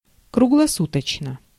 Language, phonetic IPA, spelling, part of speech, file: Russian, [krʊɡɫɐˈsutət͡ɕnə], круглосуточно, adverb, Ru-круглосуточно.ogg
- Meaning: around the clock (all the time)